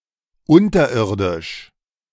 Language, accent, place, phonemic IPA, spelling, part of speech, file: German, Germany, Berlin, /ˈʊntɐˌʔɪʁdɪʃ/, unterirdisch, adjective, De-unterirdisch.ogg
- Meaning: 1. underground, subterranean 2. abysmal (extremely bad; terrible)